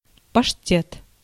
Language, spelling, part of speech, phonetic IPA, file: Russian, паштет, noun, [pɐʂˈtʲet], Ru-паштет.ogg
- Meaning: pâté